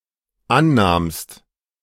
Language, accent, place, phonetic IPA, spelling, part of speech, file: German, Germany, Berlin, [ˈanˌnaːmst], annahmst, verb, De-annahmst.ogg
- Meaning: second-person singular dependent preterite of annehmen